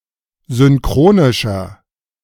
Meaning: inflection of synchronisch: 1. strong/mixed nominative masculine singular 2. strong genitive/dative feminine singular 3. strong genitive plural
- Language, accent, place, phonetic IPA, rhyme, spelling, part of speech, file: German, Germany, Berlin, [zʏnˈkʁoːnɪʃɐ], -oːnɪʃɐ, synchronischer, adjective, De-synchronischer.ogg